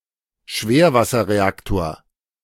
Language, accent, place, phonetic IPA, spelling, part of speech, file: German, Germany, Berlin, [ˈʃveːɐ̯vasɐʁeˌaktoːɐ̯], Schwerwasserreaktor, noun, De-Schwerwasserreaktor.ogg
- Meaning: heavy water reactor